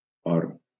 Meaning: 1. gold 2. or
- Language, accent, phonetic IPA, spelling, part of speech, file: Catalan, Valencia, [ˈɔr], or, noun, LL-Q7026 (cat)-or.wav